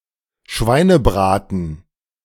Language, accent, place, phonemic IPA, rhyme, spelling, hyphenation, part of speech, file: German, Germany, Berlin, /ˈʃvaɪ̯nəˌbʁaːtn̩/, -aːtn̩, Schweinebraten, Schwei‧ne‧bra‧ten, noun, De-Schweinebraten.ogg
- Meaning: roast pork